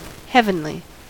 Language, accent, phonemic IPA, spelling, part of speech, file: English, US, /ˈhɛvənli/, heavenly, adjective / adverb, En-us-heavenly.ogg
- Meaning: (adjective) Of or pertaining to Heaven, the eternal celestial abode of God or the gods